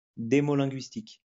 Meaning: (adjective) demolinguistic; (noun) demolinguistics
- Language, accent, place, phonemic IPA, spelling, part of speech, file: French, France, Lyon, /de.mɔ.lɛ̃.ɡɥis.tik/, démolinguistique, adjective / noun, LL-Q150 (fra)-démolinguistique.wav